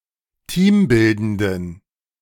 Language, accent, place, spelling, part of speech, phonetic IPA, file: German, Germany, Berlin, teambildenden, adjective, [ˈtiːmˌbɪldəndn̩], De-teambildenden.ogg
- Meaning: inflection of teambildend: 1. strong genitive masculine/neuter singular 2. weak/mixed genitive/dative all-gender singular 3. strong/weak/mixed accusative masculine singular 4. strong dative plural